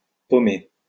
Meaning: to develop a fruit
- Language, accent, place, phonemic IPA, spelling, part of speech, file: French, France, Lyon, /pɔ.me/, pommer, verb, LL-Q150 (fra)-pommer.wav